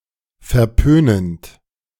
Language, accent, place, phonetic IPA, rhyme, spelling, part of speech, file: German, Germany, Berlin, [fɛɐ̯ˈpøːnənt], -øːnənt, verpönend, verb, De-verpönend.ogg
- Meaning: present participle of verpönen